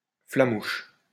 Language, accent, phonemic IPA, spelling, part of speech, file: French, France, /fla.muʃ/, flamouche, adjective, LL-Q150 (fra)-flamouche.wav
- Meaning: alternative form of flamand (“Flemish”)